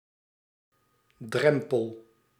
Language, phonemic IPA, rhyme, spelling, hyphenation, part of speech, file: Dutch, /ˈdrɛm.pəl/, -ɛmpəl, drempel, drem‧pel, noun, Nl-drempel.ogg
- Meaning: 1. a physical threshold 2. a figurative threshold, such as a limit